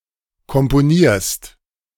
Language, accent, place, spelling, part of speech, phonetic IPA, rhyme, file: German, Germany, Berlin, komponierst, verb, [kɔmpoˈniːɐ̯st], -iːɐ̯st, De-komponierst.ogg
- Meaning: second-person singular present of komponieren